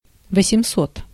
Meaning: eight hundred (800)
- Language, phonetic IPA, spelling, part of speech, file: Russian, [vəsʲɪm⁽ʲ⁾ˈsot], восемьсот, numeral, Ru-восемьсот.ogg